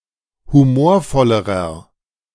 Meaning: inflection of humorvoll: 1. strong/mixed nominative masculine singular comparative degree 2. strong genitive/dative feminine singular comparative degree 3. strong genitive plural comparative degree
- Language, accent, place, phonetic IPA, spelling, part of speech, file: German, Germany, Berlin, [huˈmoːɐ̯ˌfɔləʁɐ], humorvollerer, adjective, De-humorvollerer.ogg